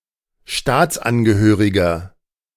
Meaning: 1. citizen, national (legal member of a state) (male or unspecified) 2. inflection of Staatsangehörige: strong genitive/dative singular 3. inflection of Staatsangehörige: strong genitive plural
- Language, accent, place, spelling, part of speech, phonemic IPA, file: German, Germany, Berlin, Staatsangehöriger, noun, /ˈʃtaːts.anɡəˌhøːʁɪɡɐ/, De-Staatsangehöriger.ogg